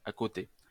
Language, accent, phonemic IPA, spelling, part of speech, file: French, France, /a.kɔ.te/, accoté, verb, LL-Q150 (fra)-accoté.wav
- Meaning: past participle of accoter